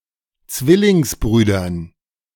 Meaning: dative plural of Zwillingsbruder
- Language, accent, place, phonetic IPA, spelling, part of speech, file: German, Germany, Berlin, [ˈt͡svɪlɪŋsˌbʁyːdɐn], Zwillingsbrüdern, noun, De-Zwillingsbrüdern.ogg